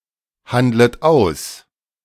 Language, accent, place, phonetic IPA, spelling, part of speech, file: German, Germany, Berlin, [ˌhandlət ˈaʊ̯s], handlet aus, verb, De-handlet aus.ogg
- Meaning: second-person plural subjunctive I of aushandeln